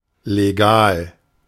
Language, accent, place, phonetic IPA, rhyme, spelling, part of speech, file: German, Germany, Berlin, [leːˈɡaːl], -aːl, legal, adjective, De-legal.ogg
- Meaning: legal